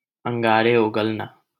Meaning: to speak sarcastically, rudely, bitterly, or with vitriol
- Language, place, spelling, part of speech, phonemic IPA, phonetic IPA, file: Hindi, Delhi, अंगारे उगलना, verb, /əŋ.ɡɑː.ɾeː ʊ.ɡəl.nɑː/, [ɐ̃ŋ.ɡäː.ɾeː‿ʊ.ɡɐl.näː], LL-Q1568 (hin)-अंगारे उगलना.wav